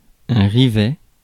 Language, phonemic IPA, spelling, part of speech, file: French, /ʁi.vɛ/, rivet, noun, Fr-rivet.ogg
- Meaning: rivet (mechanical fastener)